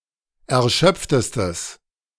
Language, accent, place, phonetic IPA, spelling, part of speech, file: German, Germany, Berlin, [ɛɐ̯ˈʃœp͡ftəstəs], erschöpftestes, adjective, De-erschöpftestes.ogg
- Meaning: strong/mixed nominative/accusative neuter singular superlative degree of erschöpft